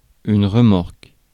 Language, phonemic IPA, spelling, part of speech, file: French, /ʁə.mɔʁk/, remorque, noun / verb, Fr-remorque.ogg
- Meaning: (noun) trailer (unpowered vehicle towed behind another vehicle); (verb) inflection of remorquer: 1. first/third-person singular present indicative/subjunctive 2. second-person singular imperative